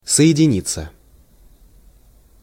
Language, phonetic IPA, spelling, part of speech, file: Russian, [sə(j)ɪdʲɪˈnʲit͡sːə], соединиться, verb, Ru-соединиться.ogg
- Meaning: 1. to unite 2. to connect, to join 3. to get connected, to get linked, to connect 4. to combine 5. passive of соедини́ть (sojedinítʹ)